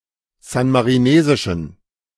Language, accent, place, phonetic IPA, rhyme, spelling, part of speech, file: German, Germany, Berlin, [ˌzanmaʁiˈneːzɪʃn̩], -eːzɪʃn̩, san-marinesischen, adjective, De-san-marinesischen.ogg
- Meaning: inflection of san-marinesisch: 1. strong genitive masculine/neuter singular 2. weak/mixed genitive/dative all-gender singular 3. strong/weak/mixed accusative masculine singular 4. strong dative plural